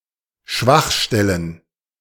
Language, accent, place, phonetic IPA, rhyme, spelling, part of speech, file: German, Germany, Berlin, [ˈʃvaxˌʃtɛlən], -axʃtɛlən, Schwachstellen, noun, De-Schwachstellen.ogg
- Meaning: plural of Schwachstelle